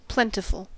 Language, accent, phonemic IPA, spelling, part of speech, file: English, US, /ˈplɛntɪfl̩/, plentiful, adjective, En-us-plentiful.ogg
- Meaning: 1. Existing in large number or ample amount 2. Yielding abundance; fruitful 3. Lavish; profuse; prodigal